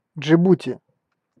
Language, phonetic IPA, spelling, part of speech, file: Russian, [d͡ʐʐɨˈbutʲɪ], Джибути, proper noun, Ru-Джибути.ogg
- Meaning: 1. Djibouti (a country in East Africa) 2. Djibouti (the capital city of Djibouti)